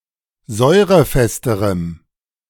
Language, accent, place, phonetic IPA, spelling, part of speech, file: German, Germany, Berlin, [ˈzɔɪ̯ʁəˌfɛstəʁəm], säurefesterem, adjective, De-säurefesterem.ogg
- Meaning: strong dative masculine/neuter singular comparative degree of säurefest